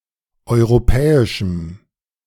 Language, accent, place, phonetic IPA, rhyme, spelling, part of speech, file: German, Germany, Berlin, [ˌɔɪ̯ʁoˈpɛːɪʃm̩], -ɛːɪʃm̩, europäischem, adjective, De-europäischem.ogg
- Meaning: strong dative masculine/neuter singular of europäisch